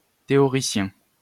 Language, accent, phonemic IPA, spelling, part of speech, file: French, France, /te.ɔ.ʁi.sjɛ̃/, théoricien, noun, LL-Q150 (fra)-théoricien.wav
- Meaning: theoretician, theorist